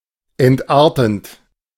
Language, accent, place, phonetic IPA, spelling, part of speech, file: German, Germany, Berlin, [ɛntˈʔaːɐ̯tn̩t], entartend, verb, De-entartend.ogg
- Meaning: present participle of entarten